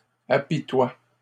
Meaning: inflection of apitoyer: 1. first/third-person singular present indicative/subjunctive 2. second-person singular imperative
- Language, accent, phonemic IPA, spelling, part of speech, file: French, Canada, /a.pi.twa/, apitoie, verb, LL-Q150 (fra)-apitoie.wav